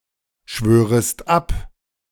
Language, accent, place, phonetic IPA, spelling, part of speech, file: German, Germany, Berlin, [ˌʃvøːʁəst ˈap], schwörest ab, verb, De-schwörest ab.ogg
- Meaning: second-person singular subjunctive I of abschwören